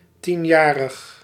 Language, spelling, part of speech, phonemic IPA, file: Dutch, tienjarig, adjective, /ˈtinˌjaːrəx/, Nl-tienjarig.ogg
- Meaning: 1. ten-year-old 2. decennial (occurring every ten years)